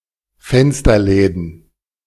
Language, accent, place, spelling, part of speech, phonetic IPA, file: German, Germany, Berlin, Fensterläden, noun, [ˈfɛnstɐˌlɛːdn̩], De-Fensterläden.ogg
- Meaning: plural of Fensterladen